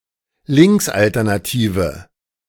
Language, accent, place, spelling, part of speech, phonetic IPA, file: German, Germany, Berlin, linksalternative, adjective, [ˈlɪŋksʔaltɛʁnaˌtiːvə], De-linksalternative.ogg
- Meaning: inflection of linksalternativ: 1. strong/mixed nominative/accusative feminine singular 2. strong nominative/accusative plural 3. weak nominative all-gender singular